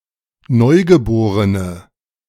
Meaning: inflection of Neugeborenes: 1. strong nominative/accusative plural 2. weak nominative/accusative singular
- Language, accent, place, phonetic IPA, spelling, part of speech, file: German, Germany, Berlin, [ˈnɔɪ̯ɡəˌboːʁənə], Neugeborene, noun, De-Neugeborene.ogg